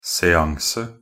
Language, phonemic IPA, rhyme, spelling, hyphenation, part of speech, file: Norwegian Bokmål, /sɛˈaŋsə/, -aŋsə, seanse, se‧an‧se, noun, Nb-seanse.ogg
- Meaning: a séance (a ceremony where people try to communicate with the spirits of dead people, usually led by a medium)